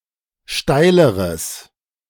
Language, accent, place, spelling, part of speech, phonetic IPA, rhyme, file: German, Germany, Berlin, steileres, adjective, [ˈʃtaɪ̯ləʁəs], -aɪ̯ləʁəs, De-steileres.ogg
- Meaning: strong/mixed nominative/accusative neuter singular comparative degree of steil